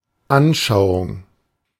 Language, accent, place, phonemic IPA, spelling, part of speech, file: German, Germany, Berlin, /ˈanˌʃaʊ̯ʊŋ/, Anschauung, noun, De-Anschauung.ogg
- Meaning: 1. opinion; mode of view; outlook 2. intuition